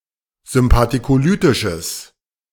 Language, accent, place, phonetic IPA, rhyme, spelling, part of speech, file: German, Germany, Berlin, [zʏmpatikoˈlyːtɪʃəs], -yːtɪʃəs, sympathicolytisches, adjective, De-sympathicolytisches.ogg
- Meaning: strong/mixed nominative/accusative neuter singular of sympathicolytisch